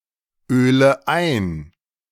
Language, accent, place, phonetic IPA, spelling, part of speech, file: German, Germany, Berlin, [ˌøːlə ˈaɪ̯n], öle ein, verb, De-öle ein.ogg
- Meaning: inflection of einölen: 1. first-person singular present 2. first/third-person singular subjunctive I 3. singular imperative